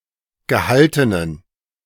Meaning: inflection of gehalten: 1. strong genitive masculine/neuter singular 2. weak/mixed genitive/dative all-gender singular 3. strong/weak/mixed accusative masculine singular 4. strong dative plural
- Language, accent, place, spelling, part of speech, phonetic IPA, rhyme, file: German, Germany, Berlin, gehaltenen, adjective, [ɡəˈhaltənən], -altənən, De-gehaltenen.ogg